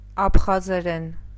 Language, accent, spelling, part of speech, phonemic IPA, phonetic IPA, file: Armenian, Eastern Armenian, աբխազերեն, noun / adverb / adjective, /ɑpʰχɑzeˈɾen/, [ɑpʰχɑzeɾén], Hy-աբխազերեն.ogg
- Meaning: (noun) Abkhaz (language); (adverb) in Abkhaz; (adjective) Abkhaz (of or pertaining to the language)